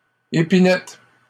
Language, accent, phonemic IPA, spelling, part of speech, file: French, Canada, /e.pi.nɛt/, épinette, noun, LL-Q150 (fra)-épinette.wav
- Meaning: 1. spinet 2. spruce 3. cage in which birds are kept to be fattened for meat